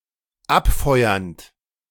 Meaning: present participle of abfeuern
- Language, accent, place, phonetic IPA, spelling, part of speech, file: German, Germany, Berlin, [ˈapˌfɔɪ̯ɐnt], abfeuernd, verb, De-abfeuernd.ogg